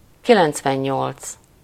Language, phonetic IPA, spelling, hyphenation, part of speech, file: Hungarian, [ˈkilɛnt͡svɛɲːolt͡s], kilencvennyolc, ki‧lenc‧ven‧nyolc, numeral, Hu-kilencvennyolc.ogg
- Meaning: ninety-eight